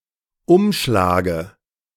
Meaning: dative of Umschlag
- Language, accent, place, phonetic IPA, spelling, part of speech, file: German, Germany, Berlin, [ˈʊmʃlaːɡə], Umschlage, noun, De-Umschlage.ogg